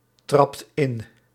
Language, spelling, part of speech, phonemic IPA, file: Dutch, trapt in, verb, /ˈtrɑpt ˈɪn/, Nl-trapt in.ogg
- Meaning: inflection of intrappen: 1. second/third-person singular present indicative 2. plural imperative